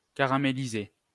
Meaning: past participle of caraméliser
- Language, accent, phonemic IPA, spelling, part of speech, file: French, France, /ka.ʁa.me.li.ze/, caramélisé, verb, LL-Q150 (fra)-caramélisé.wav